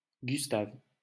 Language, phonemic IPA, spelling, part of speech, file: French, /ɡys.tav/, Gustave, proper noun, LL-Q150 (fra)-Gustave.wav
- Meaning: a male given name, equivalent to English Gustave or Gustav